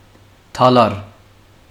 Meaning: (adjective) 1. green, verdant (of vegetation) 2. young (newly sprouted) 3. youthful, energetic, vigorous 4. flexible, pliable, supple; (noun) verdure, vegetation
- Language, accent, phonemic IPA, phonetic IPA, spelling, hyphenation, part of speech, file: Armenian, Western Armenian, /tɑˈlɑɾ/, [tʰɑlɑ́ɾ], դալար, դա‧լար, adjective / noun, HyW-Hy-դալար.ogg